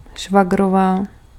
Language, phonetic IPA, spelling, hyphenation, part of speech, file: Czech, [ˈʃvaɡrovaː], švagrová, šva‧g‧ro‧vá, noun, Cs-švagrová.ogg
- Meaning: sister-in-law